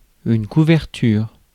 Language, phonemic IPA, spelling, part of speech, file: French, /ku.vɛʁ.tyʁ/, couverture, noun, Fr-couverture.ogg
- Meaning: 1. blanket 2. coverage 3. cover, covering